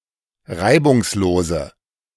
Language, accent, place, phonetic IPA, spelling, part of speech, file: German, Germany, Berlin, [ˈʁaɪ̯bʊŋsˌloːzə], reibungslose, adjective, De-reibungslose.ogg
- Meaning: inflection of reibungslos: 1. strong/mixed nominative/accusative feminine singular 2. strong nominative/accusative plural 3. weak nominative all-gender singular